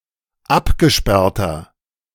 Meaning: inflection of abgesperrt: 1. strong/mixed nominative masculine singular 2. strong genitive/dative feminine singular 3. strong genitive plural
- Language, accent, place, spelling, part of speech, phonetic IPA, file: German, Germany, Berlin, abgesperrter, adjective, [ˈapɡəˌʃpɛʁtɐ], De-abgesperrter.ogg